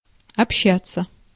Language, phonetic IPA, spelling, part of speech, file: Russian, [ɐpˈɕːat͡sːə], общаться, verb, Ru-общаться.ogg
- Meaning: to communicate (with), to converse, to mix (with)